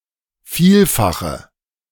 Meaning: inflection of vielfach: 1. strong/mixed nominative/accusative feminine singular 2. strong nominative/accusative plural 3. weak nominative all-gender singular
- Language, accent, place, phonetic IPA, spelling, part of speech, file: German, Germany, Berlin, [ˈfiːlfaxə], vielfache, adjective, De-vielfache.ogg